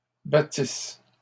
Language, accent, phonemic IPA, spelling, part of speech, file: French, Canada, /ba.tis/, battissent, verb, LL-Q150 (fra)-battissent.wav
- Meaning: third-person plural imperfect subjunctive of battre